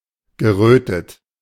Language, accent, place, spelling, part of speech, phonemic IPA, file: German, Germany, Berlin, gerötet, verb / adjective, /ɡəˈʁøːtət/, De-gerötet.ogg
- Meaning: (verb) past participle of röten; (adjective) flushed, reddened